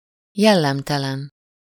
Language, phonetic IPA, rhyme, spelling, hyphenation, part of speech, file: Hungarian, [ˈjɛlːɛmtɛlɛn], -ɛn, jellemtelen, jel‧lem‧te‧len, adjective, Hu-jellemtelen.ogg
- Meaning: dishonest, unprincipled (lacking moral values, literally without character)